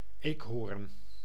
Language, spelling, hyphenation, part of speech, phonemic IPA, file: Dutch, eekhoorn, eek‧hoorn, noun, /ˈeːkˌɦoːr(ə)n/, Nl-eekhoorn.ogg
- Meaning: 1. squirrel 2. red squirrel (Sciurus vulgaris)